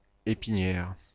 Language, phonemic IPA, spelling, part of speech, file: French, /e.pi.njɛʁ/, épinière, adjective, Fr-épinière.oga
- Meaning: backbone; spinal